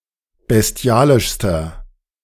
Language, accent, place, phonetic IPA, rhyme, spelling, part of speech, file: German, Germany, Berlin, [bɛsˈti̯aːlɪʃstɐ], -aːlɪʃstɐ, bestialischster, adjective, De-bestialischster.ogg
- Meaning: inflection of bestialisch: 1. strong/mixed nominative masculine singular superlative degree 2. strong genitive/dative feminine singular superlative degree 3. strong genitive plural superlative degree